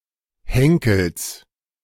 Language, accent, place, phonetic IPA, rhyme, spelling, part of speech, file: German, Germany, Berlin, [ˈhɛŋkl̩s], -ɛŋkl̩s, Henkels, noun, De-Henkels.ogg
- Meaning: genitive singular of Henkel